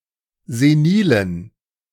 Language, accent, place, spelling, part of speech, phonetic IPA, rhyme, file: German, Germany, Berlin, senilen, adjective, [zeˈniːlən], -iːlən, De-senilen.ogg
- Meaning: inflection of senil: 1. strong genitive masculine/neuter singular 2. weak/mixed genitive/dative all-gender singular 3. strong/weak/mixed accusative masculine singular 4. strong dative plural